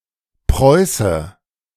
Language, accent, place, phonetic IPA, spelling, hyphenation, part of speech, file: German, Germany, Berlin, [ˈpʁɔɪ̯sə], Preuße, Preu‧ße, noun, De-Preuße.ogg
- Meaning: 1. Prussian 2. Northern German